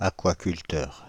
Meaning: aquaculturist
- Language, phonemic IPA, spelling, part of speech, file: French, /a.kwa.kyl.tœʁ/, aquaculteur, noun, Fr-aquaculteur.ogg